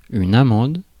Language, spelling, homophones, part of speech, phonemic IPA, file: French, amende, amande, noun / verb, /a.mɑ̃d/, Fr-amende.ogg
- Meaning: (noun) fine (payment); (verb) inflection of amender: 1. first/third-person singular present indicative/subjunctive 2. second-person singular imperative